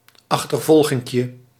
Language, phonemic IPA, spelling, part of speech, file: Dutch, /ɑxtərˈvɔlɣɪŋkjə/, achtervolginkje, noun, Nl-achtervolginkje.ogg
- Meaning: diminutive of achtervolging